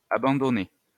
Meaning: first-person singular past historic of abandonner
- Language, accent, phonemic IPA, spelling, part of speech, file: French, France, /a.bɑ̃.dɔ.ne/, abandonnai, verb, LL-Q150 (fra)-abandonnai.wav